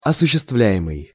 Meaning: present passive imperfective participle of осуществля́ть (osuščestvljátʹ)
- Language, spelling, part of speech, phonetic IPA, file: Russian, осуществляемый, verb, [ɐsʊɕːɪstˈvlʲæ(j)ɪmɨj], Ru-осуществляемый.ogg